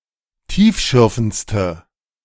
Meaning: inflection of tiefschürfend: 1. strong/mixed nominative/accusative feminine singular superlative degree 2. strong nominative/accusative plural superlative degree
- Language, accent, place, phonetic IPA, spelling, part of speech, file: German, Germany, Berlin, [ˈtiːfˌʃʏʁfn̩t͡stə], tiefschürfendste, adjective, De-tiefschürfendste.ogg